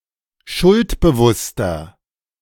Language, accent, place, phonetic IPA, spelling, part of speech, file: German, Germany, Berlin, [ˈʃʊltbəˌvʊstɐ], schuldbewusster, adjective, De-schuldbewusster.ogg
- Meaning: 1. comparative degree of schuldbewusst 2. inflection of schuldbewusst: strong/mixed nominative masculine singular 3. inflection of schuldbewusst: strong genitive/dative feminine singular